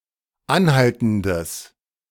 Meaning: strong/mixed nominative/accusative neuter singular of anhaltend
- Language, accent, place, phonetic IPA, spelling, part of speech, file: German, Germany, Berlin, [ˈanˌhaltn̩dəs], anhaltendes, adjective, De-anhaltendes.ogg